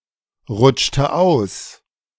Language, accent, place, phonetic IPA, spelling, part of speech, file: German, Germany, Berlin, [ˌʁʊt͡ʃtə ˈaʊ̯s], rutschte aus, verb, De-rutschte aus.ogg
- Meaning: inflection of ausrutschen: 1. first/third-person singular preterite 2. first/third-person singular subjunctive II